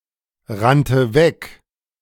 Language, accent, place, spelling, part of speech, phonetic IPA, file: German, Germany, Berlin, rannte weg, verb, [ˌʁantə ˈvɛk], De-rannte weg.ogg
- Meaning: first/third-person singular preterite of wegrennen